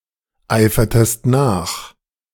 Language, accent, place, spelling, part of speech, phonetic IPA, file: German, Germany, Berlin, eifertest nach, verb, [ˌaɪ̯fɐtəst ˈnaːx], De-eifertest nach.ogg
- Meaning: inflection of nacheifern: 1. second-person singular preterite 2. second-person singular subjunctive II